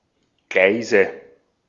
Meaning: nominative/accusative/genitive plural of Gleis
- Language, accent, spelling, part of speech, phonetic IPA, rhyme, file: German, Austria, Gleise, noun, [ˈɡlaɪ̯zə], -aɪ̯zə, De-at-Gleise.ogg